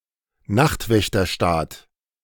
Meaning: night watchman state
- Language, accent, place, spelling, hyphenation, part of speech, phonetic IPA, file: German, Germany, Berlin, Nachtwächterstaat, Nacht‧wäch‧ter‧staat, noun, [ˈnaxtvɛçtɐˌʃtaːt], De-Nachtwächterstaat.ogg